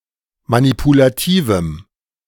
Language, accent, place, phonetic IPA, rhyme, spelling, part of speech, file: German, Germany, Berlin, [manipulaˈtiːvm̩], -iːvm̩, manipulativem, adjective, De-manipulativem.ogg
- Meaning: strong dative masculine/neuter singular of manipulativ